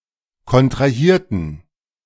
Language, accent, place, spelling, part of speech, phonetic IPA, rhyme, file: German, Germany, Berlin, kontrahierten, adjective / verb, [kɔntʁaˈhiːɐ̯tn̩], -iːɐ̯tn̩, De-kontrahierten.ogg
- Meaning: inflection of kontrahieren: 1. first/third-person plural preterite 2. first/third-person plural subjunctive II